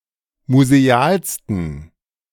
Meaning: 1. superlative degree of museal 2. inflection of museal: strong genitive masculine/neuter singular superlative degree
- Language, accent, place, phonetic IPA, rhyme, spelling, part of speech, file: German, Germany, Berlin, [muzeˈaːlstn̩], -aːlstn̩, musealsten, adjective, De-musealsten.ogg